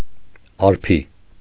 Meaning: 1. sun 2. aether (according to ancient science the region above the terrestrial sphere where the Sun turns) 3. light, brightness, splendour 4. dawn 5. luminous
- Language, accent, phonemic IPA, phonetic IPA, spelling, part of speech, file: Armenian, Eastern Armenian, /ɑɾˈpʰi/, [ɑɾpʰí], արփի, noun, Hy-արփի.ogg